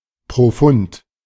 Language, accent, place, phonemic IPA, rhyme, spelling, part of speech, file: German, Germany, Berlin, /pʁoˈfʊnt/, -ʊnt, profund, adjective, De-profund.ogg
- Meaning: profound